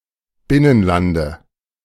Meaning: dative singular of Binnenland
- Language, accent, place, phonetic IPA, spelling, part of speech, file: German, Germany, Berlin, [ˈbɪnənˌlandə], Binnenlande, noun, De-Binnenlande.ogg